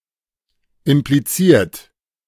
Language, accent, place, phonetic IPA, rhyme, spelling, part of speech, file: German, Germany, Berlin, [ɪmpliˈt͡siːɐ̯t], -iːɐ̯t, impliziert, verb, De-impliziert.ogg
- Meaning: 1. past participle of implizieren 2. inflection of implizieren: third-person singular present 3. inflection of implizieren: second-person plural present 4. inflection of implizieren: plural imperative